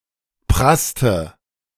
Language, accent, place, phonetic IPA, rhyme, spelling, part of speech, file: German, Germany, Berlin, [ˈpʁastə], -astə, prasste, verb, De-prasste.ogg
- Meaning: inflection of prassen: 1. first/third-person singular preterite 2. first/third-person singular subjunctive II